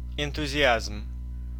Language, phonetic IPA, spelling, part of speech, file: Russian, [ɪntʊzʲɪˈazm], энтузиазм, noun, Ru-энтузиазм.ogg
- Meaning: enthusiasm